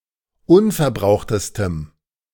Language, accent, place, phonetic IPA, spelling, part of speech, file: German, Germany, Berlin, [ˈʊnfɛɐ̯ˌbʁaʊ̯xtəstəm], unverbrauchtestem, adjective, De-unverbrauchtestem.ogg
- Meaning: strong dative masculine/neuter singular superlative degree of unverbraucht